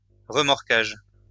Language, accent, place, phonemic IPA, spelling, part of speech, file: French, France, Lyon, /ʁə.mɔʁ.kaʒ/, remorquage, noun, LL-Q150 (fra)-remorquage.wav
- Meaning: towing